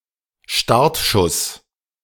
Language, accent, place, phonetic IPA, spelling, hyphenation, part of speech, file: German, Germany, Berlin, [ˈʃtaʁtˌʃʊs], Startschuss, Start‧schuss, noun, De-Startschuss.ogg
- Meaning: 1. shot fired from a starting gun, starting a race; starting signal 2. go-ahead; kick-off